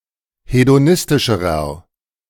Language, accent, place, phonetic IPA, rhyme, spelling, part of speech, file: German, Germany, Berlin, [hedoˈnɪstɪʃəʁɐ], -ɪstɪʃəʁɐ, hedonistischerer, adjective, De-hedonistischerer.ogg
- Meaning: inflection of hedonistisch: 1. strong/mixed nominative masculine singular comparative degree 2. strong genitive/dative feminine singular comparative degree 3. strong genitive plural comparative degree